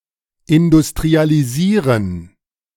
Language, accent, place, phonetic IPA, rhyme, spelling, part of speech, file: German, Germany, Berlin, [ɪndʊstʁialiˈziːʁən], -iːʁən, industrialisieren, verb, De-industrialisieren.ogg
- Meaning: to industrialize